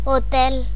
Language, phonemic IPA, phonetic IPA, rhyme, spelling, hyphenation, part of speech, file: Galician, /ɔˈtɛl/, [ɔˈt̪ɛɫ], -ɛl, hotel, ho‧tel, noun, Gl-hotel.ogg
- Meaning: hotel